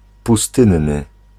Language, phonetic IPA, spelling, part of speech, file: Polish, [puˈstɨ̃nːɨ], pustynny, adjective, Pl-pustynny.ogg